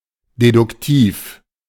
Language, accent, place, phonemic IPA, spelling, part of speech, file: German, Germany, Berlin, /ˌdedʊkˈtiːf/, deduktiv, adjective, De-deduktiv.ogg
- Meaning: deductive